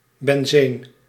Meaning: benzene
- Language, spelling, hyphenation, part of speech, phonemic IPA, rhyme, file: Dutch, benzeen, ben‧zeen, noun, /bɛnˈzeːn/, -eːn, Nl-benzeen.ogg